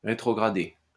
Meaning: 1. to turn back, go back 2. to retrogress 3. to downshift 4. to demote 5. to downgrade
- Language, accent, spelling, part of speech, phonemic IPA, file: French, France, rétrograder, verb, /ʁe.tʁɔ.ɡʁa.de/, LL-Q150 (fra)-rétrograder.wav